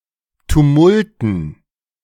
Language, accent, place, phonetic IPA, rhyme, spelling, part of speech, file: German, Germany, Berlin, [tuˈmʊltn̩], -ʊltn̩, Tumulten, noun, De-Tumulten.ogg
- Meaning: dative plural of Tumult